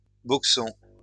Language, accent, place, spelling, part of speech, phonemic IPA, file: French, France, Lyon, boxon, noun, /bɔk.sɔ̃/, LL-Q150 (fra)-boxon.wav
- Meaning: whorehouse